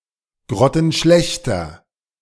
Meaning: inflection of grottenschlecht: 1. strong/mixed nominative masculine singular 2. strong genitive/dative feminine singular 3. strong genitive plural
- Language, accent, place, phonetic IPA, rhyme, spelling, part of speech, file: German, Germany, Berlin, [ˌɡʁɔtn̩ˈʃlɛçtɐ], -ɛçtɐ, grottenschlechter, adjective, De-grottenschlechter.ogg